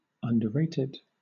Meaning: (adjective) Not given enough recognition for its quality; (verb) simple past and past participle of underrate
- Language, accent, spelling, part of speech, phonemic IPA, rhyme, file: English, Southern England, underrated, adjective / verb, /ʌn.dəˈɹeɪ.tɪd/, -eɪtɪd, LL-Q1860 (eng)-underrated.wav